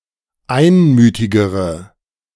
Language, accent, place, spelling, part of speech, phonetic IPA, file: German, Germany, Berlin, einmütigere, adjective, [ˈaɪ̯nˌmyːtɪɡəʁə], De-einmütigere.ogg
- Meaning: inflection of einmütig: 1. strong/mixed nominative/accusative feminine singular comparative degree 2. strong nominative/accusative plural comparative degree